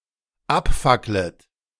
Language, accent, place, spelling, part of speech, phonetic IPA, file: German, Germany, Berlin, abfacklet, verb, [ˈapˌfaklət], De-abfacklet.ogg
- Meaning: second-person plural dependent subjunctive I of abfackeln